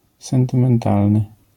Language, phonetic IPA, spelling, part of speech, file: Polish, [ˌsɛ̃ntɨ̃mɛ̃nˈtalnɨ], sentymentalny, adjective, LL-Q809 (pol)-sentymentalny.wav